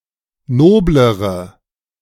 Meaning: inflection of nobel: 1. strong/mixed nominative/accusative feminine singular comparative degree 2. strong nominative/accusative plural comparative degree
- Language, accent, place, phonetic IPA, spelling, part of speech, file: German, Germany, Berlin, [ˈnoːbləʁə], noblere, adjective, De-noblere.ogg